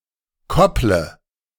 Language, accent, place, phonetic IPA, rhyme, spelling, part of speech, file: German, Germany, Berlin, [ˈkɔplə], -ɔplə, kopple, verb, De-kopple.ogg
- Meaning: inflection of koppeln: 1. first-person singular present 2. first/third-person singular subjunctive I 3. singular imperative